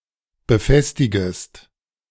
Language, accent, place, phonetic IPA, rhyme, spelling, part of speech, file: German, Germany, Berlin, [bəˈfɛstɪɡəst], -ɛstɪɡəst, befestigest, verb, De-befestigest.ogg
- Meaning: second-person singular subjunctive I of befestigen